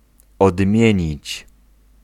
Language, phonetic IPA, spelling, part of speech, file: Polish, [ɔdˈmʲjɛ̇̃ɲit͡ɕ], odmienić, verb, Pl-odmienić.ogg